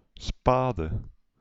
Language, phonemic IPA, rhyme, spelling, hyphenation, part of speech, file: Dutch, /ˈspaː.də/, -aːdə, spade, spa‧de, noun / adjective, Nl-spade.ogg
- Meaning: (noun) spade; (adjective) late